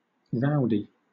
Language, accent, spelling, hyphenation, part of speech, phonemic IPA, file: English, Southern England, rowdy, row‧dy, adjective / noun, /ˈɹaʊ̯di/, LL-Q1860 (eng)-rowdy.wav
- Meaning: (adjective) Loud and disorderly; riotous; boisterous; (noun) 1. A boisterous person; a brawler 2. money; ready money